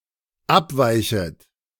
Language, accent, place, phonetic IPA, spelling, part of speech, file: German, Germany, Berlin, [ˈapˌvaɪ̯çət], abweichet, verb, De-abweichet.ogg
- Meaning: second-person plural dependent subjunctive I of abweichen